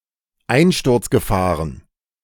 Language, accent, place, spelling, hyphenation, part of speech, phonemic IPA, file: German, Germany, Berlin, Einsturzgefahren, Ein‧sturz‧ge‧fah‧ren, noun, /ˈaɪ̯nʃtʊʁt͡sɡəˌfaːʁən/, De-Einsturzgefahren.ogg
- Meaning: plural of Einsturzgefahr